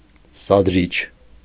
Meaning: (noun) instigator, inciter, provoker; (adjective) inciting, provoking
- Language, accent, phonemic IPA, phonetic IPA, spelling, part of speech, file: Armenian, Eastern Armenian, /sɑdˈɾit͡ʃʰ/, [sɑdɾít͡ʃʰ], սադրիչ, noun / adjective, Hy-սադրիչ.ogg